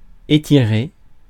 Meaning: 1. to stretch 2. to stretch (stretch one's muscles)
- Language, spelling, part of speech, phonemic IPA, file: French, étirer, verb, /e.ti.ʁe/, Fr-étirer.ogg